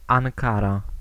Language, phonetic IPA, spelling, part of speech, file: Polish, [ãŋˈkara], Ankara, proper noun, Pl-Ankara.ogg